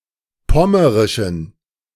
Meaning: inflection of pommerisch: 1. strong genitive masculine/neuter singular 2. weak/mixed genitive/dative all-gender singular 3. strong/weak/mixed accusative masculine singular 4. strong dative plural
- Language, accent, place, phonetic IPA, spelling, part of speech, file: German, Germany, Berlin, [ˈpɔməʁɪʃn̩], pommerischen, adjective, De-pommerischen.ogg